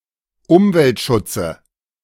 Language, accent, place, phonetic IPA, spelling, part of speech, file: German, Germany, Berlin, [ˈʊmvɛltˌʃʊt͡sə], Umweltschutze, noun, De-Umweltschutze.ogg
- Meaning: nominative/accusative/genitive plural of Umweltschutz